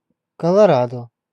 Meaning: Colorado (a state in the western United States, the 38th state)
- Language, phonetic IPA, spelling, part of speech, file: Russian, [kəɫɐˈradə], Колорадо, proper noun, Ru-Колорадо.ogg